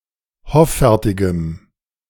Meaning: strong dative masculine/neuter singular of hoffärtig
- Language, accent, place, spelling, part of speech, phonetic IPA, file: German, Germany, Berlin, hoffärtigem, adjective, [ˈhɔfɛʁtɪɡəm], De-hoffärtigem.ogg